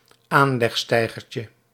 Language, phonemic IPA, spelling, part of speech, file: Dutch, /ˈanlɛxˌstɛiɣərcə/, aanlegsteigertje, noun, Nl-aanlegsteigertje.ogg
- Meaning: diminutive of aanlegsteiger